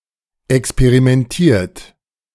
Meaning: 1. past participle of experimentieren 2. inflection of experimentieren: third-person singular present 3. inflection of experimentieren: second-person plural present
- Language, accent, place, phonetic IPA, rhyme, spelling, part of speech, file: German, Germany, Berlin, [ɛkspeʁimɛnˈtiːɐ̯t], -iːɐ̯t, experimentiert, verb, De-experimentiert.ogg